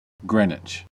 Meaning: A place in England: A town on the south bank of the River Thames in south-east Greater London, England, through which the prime meridian passes (OS grid ref TQ3877)
- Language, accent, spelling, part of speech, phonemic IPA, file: English, US, Greenwich, proper noun, /ˈɡɹinwɪt͡ʃ/, En-us-Greenwich.ogg